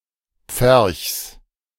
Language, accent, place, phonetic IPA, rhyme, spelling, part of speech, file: German, Germany, Berlin, [p͡fɛʁçs], -ɛʁçs, Pferchs, noun, De-Pferchs.ogg
- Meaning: genitive of Pferch